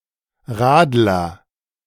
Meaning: 1. shandy (beer mixed with lemonade) 2. cyclist
- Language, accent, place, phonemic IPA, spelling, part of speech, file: German, Germany, Berlin, /ˈʁaːdlɐ/, Radler, noun, De-Radler.ogg